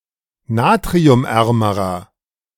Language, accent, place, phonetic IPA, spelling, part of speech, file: German, Germany, Berlin, [ˈnaːtʁiʊmˌʔɛʁməʁɐ], natriumärmerer, adjective, De-natriumärmerer.ogg
- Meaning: inflection of natriumarm: 1. strong/mixed nominative masculine singular comparative degree 2. strong genitive/dative feminine singular comparative degree 3. strong genitive plural comparative degree